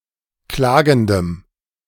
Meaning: strong dative masculine/neuter singular of klagend
- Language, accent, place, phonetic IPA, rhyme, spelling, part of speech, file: German, Germany, Berlin, [ˈklaːɡn̩dəm], -aːɡn̩dəm, klagendem, adjective, De-klagendem.ogg